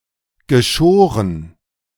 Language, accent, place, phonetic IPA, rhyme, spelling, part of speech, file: German, Germany, Berlin, [ɡəˈʃoːʁən], -oːʁən, geschoren, adjective / verb, De-geschoren.ogg
- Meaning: past participle of scheren